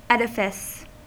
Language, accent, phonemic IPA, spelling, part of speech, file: English, US, /ˈɛd.ɪ.fɪs/, edifice, noun, En-us-edifice.ogg
- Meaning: 1. A building; a structure; an architectural fabric, especially a large and spectacular one 2. An abstract structure, such as a school of thought, an argument, a theoretical position, etc